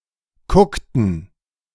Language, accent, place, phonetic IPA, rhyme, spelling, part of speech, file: German, Germany, Berlin, [ˈkʊktn̩], -ʊktn̩, kuckten, verb, De-kuckten.ogg
- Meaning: inflection of kucken: 1. first/third-person plural preterite 2. first/third-person plural subjunctive II